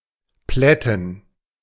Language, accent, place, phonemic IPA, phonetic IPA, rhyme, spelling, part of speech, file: German, Germany, Berlin, /ˈplɛtən/, [ˈplɛ.tn̩], -ɛtn̩, plätten, verb, De-plätten.ogg
- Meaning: 1. to flatten, make flat, chiefly by running over or squashing 2. to baffle, stump, astound 3. to iron (clothes)